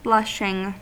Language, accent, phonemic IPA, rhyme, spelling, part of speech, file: English, US, /ˈblʌʃɪŋ/, -ʌʃɪŋ, blushing, verb / noun / adjective, En-us-blushing.ogg
- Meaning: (verb) present participle and gerund of blush; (noun) The act of one who blushes; a blush; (adjective) Showing blushes; rosy red